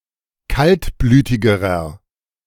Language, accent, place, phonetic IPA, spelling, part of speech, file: German, Germany, Berlin, [ˈkaltˌblyːtɪɡəʁɐ], kaltblütigerer, adjective, De-kaltblütigerer.ogg
- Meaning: inflection of kaltblütig: 1. strong/mixed nominative masculine singular comparative degree 2. strong genitive/dative feminine singular comparative degree 3. strong genitive plural comparative degree